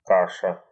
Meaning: 1. porridge, gruel 2. mash, mush 3. muddle, mess, confusion
- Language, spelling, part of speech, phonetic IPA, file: Russian, каша, noun, [ˈkaʂə], Ru-ка́ша.ogg